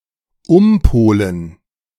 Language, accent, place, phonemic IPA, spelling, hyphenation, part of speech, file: German, Germany, Berlin, /ˈʊmˌpoːlən/, umpolen, um‧po‧len, verb, De-umpolen.ogg
- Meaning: to reverse the polarity of